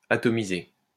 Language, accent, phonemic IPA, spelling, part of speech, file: French, France, /a.tɔ.mi.ze/, atomiser, verb, LL-Q150 (fra)-atomiser.wav
- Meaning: to atomise